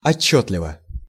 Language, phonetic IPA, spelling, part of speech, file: Russian, [ɐˈt͡ɕːɵtlʲɪvə], отчётливо, adverb / adjective, Ru-отчётливо.ogg
- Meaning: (adverb) distinctly, clearly, audibly, legibly; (adjective) short neuter singular of отчётливый (otčótlivyj)